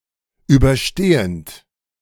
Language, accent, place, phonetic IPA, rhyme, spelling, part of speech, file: German, Germany, Berlin, [ˌyːbɐˈʃteːənt], -eːənt, überstehend, verb, De-überstehend.ogg
- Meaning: present participle of überstehen